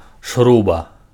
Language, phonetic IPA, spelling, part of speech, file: Belarusian, [ˈʂruba], шруба, noun, Be-шруба.ogg
- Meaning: 1. bolt (metal fastener) 2. screw (metal fastener)